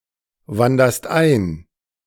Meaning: second-person singular present of einwandern
- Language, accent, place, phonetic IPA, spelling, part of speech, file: German, Germany, Berlin, [ˌvandɐst ˈaɪ̯n], wanderst ein, verb, De-wanderst ein.ogg